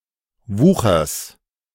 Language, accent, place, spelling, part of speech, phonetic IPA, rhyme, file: German, Germany, Berlin, Wuchers, noun, [ˈvuːxɐs], -uːxɐs, De-Wuchers.ogg
- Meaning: genitive of Wucher